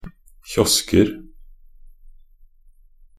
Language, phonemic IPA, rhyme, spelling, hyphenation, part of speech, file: Norwegian Bokmål, /ˈçɔskər/, -ər, kiosker, kios‧ker, noun, Nb-kiosker.ogg
- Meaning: indefinite plural of kiosk